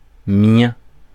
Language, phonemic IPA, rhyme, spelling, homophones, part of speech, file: French, /mjɛ̃/, -ɛ̃, mien, miens, adjective, Fr-mien.ogg
- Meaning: (of) mine, my own